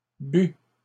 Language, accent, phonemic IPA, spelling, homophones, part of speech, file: French, Canada, /by/, bût, but, verb, LL-Q150 (fra)-bût.wav
- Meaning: third-person singular imperfect subjunctive of boire